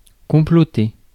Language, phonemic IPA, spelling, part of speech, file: French, /kɔ̃.plɔ.te/, comploter, verb, Fr-comploter.ogg
- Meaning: to plot, especially something illegal or immoral